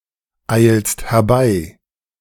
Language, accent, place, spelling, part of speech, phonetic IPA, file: German, Germany, Berlin, eilst herbei, verb, [ˌaɪ̯lst hɛɐ̯ˈbaɪ̯], De-eilst herbei.ogg
- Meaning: second-person singular present of herbeieilen